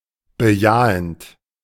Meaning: present participle of bejahen
- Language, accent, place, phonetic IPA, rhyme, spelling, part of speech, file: German, Germany, Berlin, [bəˈjaːənt], -aːənt, bejahend, verb, De-bejahend.ogg